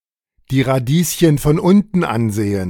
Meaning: to be pushing up daisies
- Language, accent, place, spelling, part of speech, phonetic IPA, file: German, Germany, Berlin, die Radieschen von unten ansehen, phrase, [diː ʁaˈdiːsçən fɔn ˈʊntn̩ ˈanˌzeːən], De-die Radieschen von unten ansehen.ogg